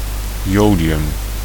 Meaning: iodine
- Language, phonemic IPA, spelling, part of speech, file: Dutch, /ˈjodiˌjʏm/, jodium, noun, Nl-jodium.ogg